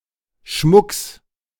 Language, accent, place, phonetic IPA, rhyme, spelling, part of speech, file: German, Germany, Berlin, [ʃmʊks], -ʊks, Schmucks, noun, De-Schmucks.ogg
- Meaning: genitive singular of Schmuck